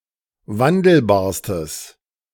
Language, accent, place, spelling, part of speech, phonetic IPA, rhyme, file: German, Germany, Berlin, wandelbarstes, adjective, [ˈvandl̩baːɐ̯stəs], -andl̩baːɐ̯stəs, De-wandelbarstes.ogg
- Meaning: strong/mixed nominative/accusative neuter singular superlative degree of wandelbar